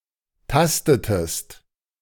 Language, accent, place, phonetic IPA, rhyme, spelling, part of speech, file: German, Germany, Berlin, [ˈtastətəst], -astətəst, tastetest, verb, De-tastetest.ogg
- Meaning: inflection of tasten: 1. second-person singular preterite 2. second-person singular subjunctive II